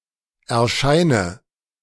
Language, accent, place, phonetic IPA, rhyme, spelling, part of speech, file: German, Germany, Berlin, [ɛɐ̯ˈʃaɪ̯nə], -aɪ̯nə, erscheine, verb, De-erscheine.ogg
- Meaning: inflection of erscheinen: 1. first-person singular present 2. first/third-person singular subjunctive I 3. singular imperative